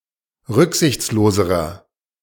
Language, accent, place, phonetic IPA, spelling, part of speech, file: German, Germany, Berlin, [ˈʁʏkzɪçt͡sloːzəʁɐ], rücksichtsloserer, adjective, De-rücksichtsloserer.ogg
- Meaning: inflection of rücksichtslos: 1. strong/mixed nominative masculine singular comparative degree 2. strong genitive/dative feminine singular comparative degree